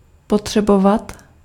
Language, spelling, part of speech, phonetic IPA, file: Czech, potřebovat, verb, [ˈpotr̝̊ɛbovat], Cs-potřebovat.ogg
- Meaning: 1. to need 2. to need to